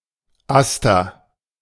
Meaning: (noun) aster (any of several plants of the genus Aster); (proper noun) a male given name from Latin
- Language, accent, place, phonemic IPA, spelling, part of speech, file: German, Germany, Berlin, /ˈastɐ/, Aster, noun / proper noun, De-Aster.ogg